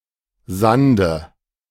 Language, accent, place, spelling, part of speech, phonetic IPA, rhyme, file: German, Germany, Berlin, Sande, noun, [ˈzandə], -andə, De-Sande.ogg
- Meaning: nominative/accusative/genitive plural of Sand